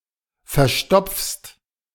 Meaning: second-person singular present of verstopfen
- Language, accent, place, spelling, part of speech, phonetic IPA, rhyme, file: German, Germany, Berlin, verstopfst, verb, [fɛɐ̯ˈʃtɔp͡fst], -ɔp͡fst, De-verstopfst.ogg